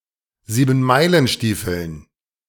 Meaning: dative plural of Siebenmeilenstiefel
- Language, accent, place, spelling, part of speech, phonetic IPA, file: German, Germany, Berlin, Siebenmeilenstiefeln, noun, [ziːbn̩ˈmaɪ̯lənˌʃtiːfl̩n], De-Siebenmeilenstiefeln.ogg